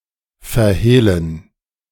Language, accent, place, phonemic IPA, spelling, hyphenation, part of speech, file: German, Germany, Berlin, /fɛɐ̯ˈheːlən/, verhehlen, ver‧heh‧len, verb, De-verhehlen.ogg
- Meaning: to conceal, to hide, to dissemble